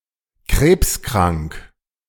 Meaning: having cancer
- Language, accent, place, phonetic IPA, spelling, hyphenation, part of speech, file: German, Germany, Berlin, [ˈkʁeːpskʁaŋk], krebskrank, krebs‧krank, adjective, De-krebskrank.ogg